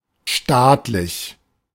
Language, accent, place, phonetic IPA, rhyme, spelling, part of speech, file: German, Germany, Berlin, [ˈʃtaːtlɪç], -aːtlɪç, staatlich, adjective, De-staatlich.ogg
- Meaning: 1. state, government 2. state-owned